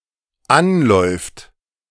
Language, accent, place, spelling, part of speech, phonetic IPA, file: German, Germany, Berlin, anläuft, verb, [ˈanˌlɔɪ̯ft], De-anläuft.ogg
- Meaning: third-person singular dependent present of anlaufen